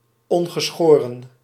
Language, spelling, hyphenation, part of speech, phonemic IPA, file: Dutch, ongeschoren, on‧ge‧scho‧ren, adjective, /ˌɔn.ɣəˈsxoː.rə(n)/, Nl-ongeschoren.ogg
- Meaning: unshaved